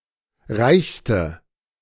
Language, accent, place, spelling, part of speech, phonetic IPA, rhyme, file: German, Germany, Berlin, reichste, adjective, [ˈʁaɪ̯çstə], -aɪ̯çstə, De-reichste.ogg
- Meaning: inflection of reich: 1. strong/mixed nominative/accusative feminine singular superlative degree 2. strong nominative/accusative plural superlative degree